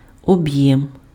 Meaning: 1. volume 2. volume, capacity, bulk
- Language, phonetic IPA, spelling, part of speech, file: Ukrainian, [ɔˈbjɛm], об'єм, noun, Uk-об'єм.ogg